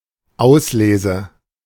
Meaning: selection, choice, pick
- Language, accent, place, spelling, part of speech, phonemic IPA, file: German, Germany, Berlin, Auslese, noun, /ˈaʊsˌleːzə/, De-Auslese.ogg